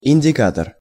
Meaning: indicator
- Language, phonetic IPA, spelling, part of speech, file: Russian, [ɪnʲdʲɪˈkatər], индикатор, noun, Ru-индикатор.ogg